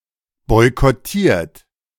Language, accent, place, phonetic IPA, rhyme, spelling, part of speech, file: German, Germany, Berlin, [ˌbɔɪ̯kɔˈtiːɐ̯t], -iːɐ̯t, boykottiert, verb, De-boykottiert.ogg
- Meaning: 1. past participle of boykottieren 2. inflection of boykottieren: third-person singular present 3. inflection of boykottieren: second-person plural present